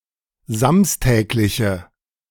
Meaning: inflection of samstäglich: 1. strong/mixed nominative/accusative feminine singular 2. strong nominative/accusative plural 3. weak nominative all-gender singular
- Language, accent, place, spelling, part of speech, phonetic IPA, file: German, Germany, Berlin, samstägliche, adjective, [ˈzamstɛːklɪçə], De-samstägliche.ogg